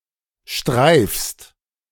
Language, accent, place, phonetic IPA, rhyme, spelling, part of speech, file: German, Germany, Berlin, [ʃtʁaɪ̯fst], -aɪ̯fst, streifst, verb, De-streifst.ogg
- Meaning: second-person singular present of streifen